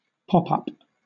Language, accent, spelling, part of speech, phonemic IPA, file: English, Southern England, pop-up, adjective / noun, /ˈpɒpʌp/, LL-Q1860 (eng)-pop-up.wav
- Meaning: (adjective) 1. Coming into view suddenly from a concealed position 2. Opening out to form a three-dimensional structure when the page of a book is opened